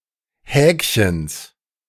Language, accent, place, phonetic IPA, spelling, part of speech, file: German, Germany, Berlin, [ˈhɛːkçəns], Häkchens, noun, De-Häkchens.ogg
- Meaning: genitive singular of Häkchen